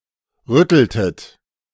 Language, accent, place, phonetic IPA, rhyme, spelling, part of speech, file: German, Germany, Berlin, [ˈʁʏtl̩tət], -ʏtl̩tət, rütteltet, verb, De-rütteltet.ogg
- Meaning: inflection of rütteln: 1. second-person plural preterite 2. second-person plural subjunctive II